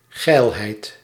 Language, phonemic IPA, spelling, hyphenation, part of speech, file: Dutch, /ˈɣɛi̯l.ɦɛi̯t/, geilheid, geil‧heid, noun, Nl-geilheid.ogg
- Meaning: horniness, lewdness